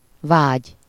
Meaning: desire, longing; aspiration; craving; yen
- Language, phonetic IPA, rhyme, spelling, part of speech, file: Hungarian, [ˈvaːɟ], -aːɟ, vágy, noun, Hu-vágy.ogg